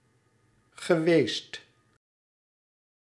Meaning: past participle of zijn
- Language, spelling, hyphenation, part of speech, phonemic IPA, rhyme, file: Dutch, geweest, ge‧weest, verb, /ɣəˈʋeːst/, -eːst, Nl-geweest.ogg